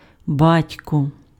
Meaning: 1. father (male parent) 2. parents
- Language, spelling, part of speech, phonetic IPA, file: Ukrainian, батько, noun, [ˈbatʲkɔ], Uk-батько.ogg